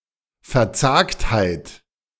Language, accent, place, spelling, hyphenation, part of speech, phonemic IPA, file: German, Germany, Berlin, Verzagtheit, Ver‧zagt‧heit, noun, /fɛɐ̯ˈt͡saːkthaɪ̯t/, De-Verzagtheit.ogg
- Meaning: trepidation, downheartedness, despondence